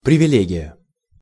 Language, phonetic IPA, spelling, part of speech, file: Russian, [prʲɪvʲɪˈlʲeɡʲɪjə], привилегия, noun, Ru-привилегия.ogg
- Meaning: privilege (a peculiar benefit, advantage, or favor)